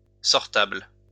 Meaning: presentable
- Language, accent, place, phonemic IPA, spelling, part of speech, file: French, France, Lyon, /sɔʁ.tabl/, sortable, adjective, LL-Q150 (fra)-sortable.wav